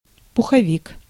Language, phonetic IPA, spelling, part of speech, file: Russian, [pʊxɐˈvʲik], пуховик, noun, Ru-пуховик.ogg
- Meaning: 1. down jacket 2. down bed